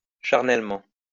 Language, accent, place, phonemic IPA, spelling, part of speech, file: French, France, Lyon, /ʃaʁ.nɛl.mɑ̃/, charnellement, adverb, LL-Q150 (fra)-charnellement.wav
- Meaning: carnally